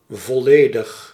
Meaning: complete
- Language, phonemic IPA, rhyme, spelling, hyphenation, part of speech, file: Dutch, /vɔˈleː.dəx/, -eːdəx, volledig, vol‧le‧dig, adjective, Nl-volledig.ogg